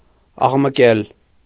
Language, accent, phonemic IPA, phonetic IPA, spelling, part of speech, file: Armenian, Eastern Armenian, /ɑʁməˈkel/, [ɑʁməkél], աղմկել, verb, Hy-աղմկել.ogg
- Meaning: to make a noise; to be noisy